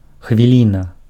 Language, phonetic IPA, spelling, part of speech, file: Belarusian, [xvʲiˈlʲina], хвіліна, noun, Be-хвіліна.ogg
- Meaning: 1. minute (unit of time) 2. moment